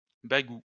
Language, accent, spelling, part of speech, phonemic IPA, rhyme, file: French, France, bagou, noun, /ba.ɡu/, -u, LL-Q150 (fra)-bagou.wav
- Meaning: 1. glibness, volubility, gift of the gab 2. sales pitch